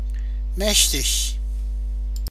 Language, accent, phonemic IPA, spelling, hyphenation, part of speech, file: German, Germany, /ˈmɛçtɪç/, mächtig, mäch‧tig, adjective, De-mächtig.oga
- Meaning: 1. powerful, mighty 2. capable, having command 3. intense; (adverbial) very, totally 4. very filling, heavy (of food)